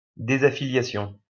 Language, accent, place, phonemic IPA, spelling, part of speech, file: French, France, Lyon, /de.za.fi.lja.sjɔ̃/, désaffiliation, noun, LL-Q150 (fra)-désaffiliation.wav
- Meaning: disaffiliation